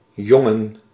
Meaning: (noun) 1. a boy, any male child 2. members of a male 'peers' group, e.g. a military unit
- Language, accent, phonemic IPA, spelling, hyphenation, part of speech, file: Dutch, Netherlands, /ˈjɔ.ŋə(n)/, jongen, jon‧gen, noun / verb / adjective, Nl-jongen.ogg